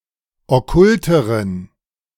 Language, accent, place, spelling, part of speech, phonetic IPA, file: German, Germany, Berlin, okkulteren, adjective, [ɔˈkʊltəʁən], De-okkulteren.ogg
- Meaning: inflection of okkult: 1. strong genitive masculine/neuter singular comparative degree 2. weak/mixed genitive/dative all-gender singular comparative degree